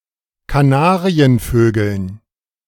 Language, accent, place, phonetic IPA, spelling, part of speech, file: German, Germany, Berlin, [kaˈnaːʁiənˌføːɡl̩n], Kanarienvögeln, noun, De-Kanarienvögeln.ogg
- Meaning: dative plural of Kanarienvogel